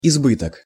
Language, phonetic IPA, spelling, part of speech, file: Russian, [ɪzˈbɨtək], избыток, noun, Ru-избыток.ogg
- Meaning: 1. abundance, plenty 2. excess, surplus, redundancy